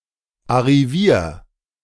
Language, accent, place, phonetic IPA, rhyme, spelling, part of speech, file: German, Germany, Berlin, [aʁiˈviːɐ̯], -iːɐ̯, arrivier, verb, De-arrivier.ogg
- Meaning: 1. singular imperative of arrivieren 2. first-person singular present of arrivieren